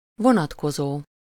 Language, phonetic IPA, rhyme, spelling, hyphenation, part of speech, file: Hungarian, [ˈvonɒtkozoː], -zoː, vonatkozó, vo‧nat‧ko‧zó, verb / adjective, Hu-vonatkozó.ogg
- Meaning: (verb) present participle of vonatkozik; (adjective) 1. concerning, regarding, relative (to someone or something: -ra/-re) 2. relative